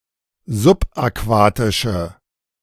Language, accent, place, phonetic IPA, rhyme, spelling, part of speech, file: German, Germany, Berlin, [zʊpʔaˈkvaːtɪʃə], -aːtɪʃə, subaquatische, adjective, De-subaquatische.ogg
- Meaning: inflection of subaquatisch: 1. strong/mixed nominative/accusative feminine singular 2. strong nominative/accusative plural 3. weak nominative all-gender singular